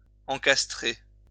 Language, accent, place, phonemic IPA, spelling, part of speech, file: French, France, Lyon, /ɑ̃.kas.tʁe/, encastrer, verb, LL-Q150 (fra)-encastrer.wav
- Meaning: 1. to embed 2. to fit in, slot in etc